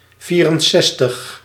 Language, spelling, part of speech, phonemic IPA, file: Dutch, vierenzestig, numeral, /ˈviːrənˌsɛstəx/, Nl-vierenzestig.ogg
- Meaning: sixty-four